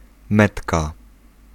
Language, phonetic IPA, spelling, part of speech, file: Polish, [ˈmɛtka], metka, noun, Pl-metka.ogg